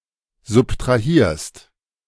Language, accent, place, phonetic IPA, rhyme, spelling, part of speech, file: German, Germany, Berlin, [zʊptʁaˈhiːɐ̯st], -iːɐ̯st, subtrahierst, verb, De-subtrahierst.ogg
- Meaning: second-person singular present of subtrahieren